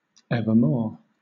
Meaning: 1. Always; forever; eternally 2. At any time in the future
- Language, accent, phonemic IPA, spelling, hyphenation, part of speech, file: English, Southern England, /ˌɛvəˈmɔː/, evermore, ev‧er‧more, adverb, LL-Q1860 (eng)-evermore.wav